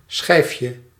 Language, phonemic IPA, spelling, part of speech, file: Dutch, /ˈsxɛifjə/, schijfje, noun, Nl-schijfje.ogg
- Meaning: diminutive of schijf